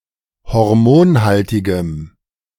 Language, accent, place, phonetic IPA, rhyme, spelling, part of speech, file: German, Germany, Berlin, [hɔʁˈmoːnˌhaltɪɡəm], -oːnhaltɪɡəm, hormonhaltigem, adjective, De-hormonhaltigem.ogg
- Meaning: strong dative masculine/neuter singular of hormonhaltig